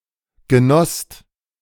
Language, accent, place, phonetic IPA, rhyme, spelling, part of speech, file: German, Germany, Berlin, [ɡəˈnɔst], -ɔst, genosst, verb, De-genosst.ogg
- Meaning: second-person singular/plural preterite of genießen